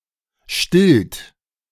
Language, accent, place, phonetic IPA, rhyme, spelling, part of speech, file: German, Germany, Berlin, [ʃtɪlt], -ɪlt, stillt, verb, De-stillt.ogg
- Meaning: inflection of stillen: 1. third-person singular present 2. second-person plural present 3. plural imperative